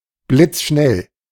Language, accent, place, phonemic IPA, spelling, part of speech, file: German, Germany, Berlin, /blɪt͡sˈʃnɛl/, blitzschnell, adjective, De-blitzschnell.ogg
- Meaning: superfast, quick as a flash